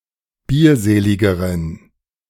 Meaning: inflection of bierselig: 1. strong genitive masculine/neuter singular comparative degree 2. weak/mixed genitive/dative all-gender singular comparative degree
- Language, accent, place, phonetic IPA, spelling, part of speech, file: German, Germany, Berlin, [ˈbiːɐ̯ˌzeːlɪɡəʁən], bierseligeren, adjective, De-bierseligeren.ogg